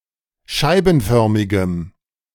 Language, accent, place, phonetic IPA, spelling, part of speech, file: German, Germany, Berlin, [ˈʃaɪ̯bn̩ˌfœʁmɪɡəm], scheibenförmigem, adjective, De-scheibenförmigem.ogg
- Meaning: strong dative masculine/neuter singular of scheibenförmig